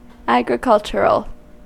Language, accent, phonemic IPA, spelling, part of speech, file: English, US, /ˌæɡ.ɹɪˈkʌl.tʃə.ɹəl/, agricultural, adjective / noun, En-us-agricultural.ogg
- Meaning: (adjective) 1. Of or pertaining to agriculture 2. As if played with a scythe 3. Coarse or uncultured 4. Clumsy or tactless; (noun) A product or commodity from agriculture